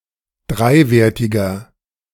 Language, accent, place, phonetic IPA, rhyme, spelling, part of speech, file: German, Germany, Berlin, [ˈdʁaɪ̯ˌveːɐ̯tɪɡɐ], -aɪ̯veːɐ̯tɪɡɐ, dreiwertiger, adjective, De-dreiwertiger.ogg
- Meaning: inflection of dreiwertig: 1. strong/mixed nominative masculine singular 2. strong genitive/dative feminine singular 3. strong genitive plural